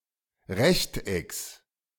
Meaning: genitive singular of Rechteck
- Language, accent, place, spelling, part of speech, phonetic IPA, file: German, Germany, Berlin, Rechtecks, noun, [ˈʁɛçtʔɛks], De-Rechtecks.ogg